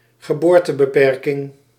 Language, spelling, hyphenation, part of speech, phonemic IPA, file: Dutch, geboortebeperking, ge‧boor‧te‧be‧per‧king, noun, /ɣəˈboːr.tə.bəˌpɛr.kɪŋ/, Nl-geboortebeperking.ogg
- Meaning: birth control